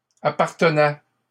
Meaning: third-person plural imperfect indicative of appartenir
- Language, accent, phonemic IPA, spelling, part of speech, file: French, Canada, /a.paʁ.tə.nɛ/, appartenaient, verb, LL-Q150 (fra)-appartenaient.wav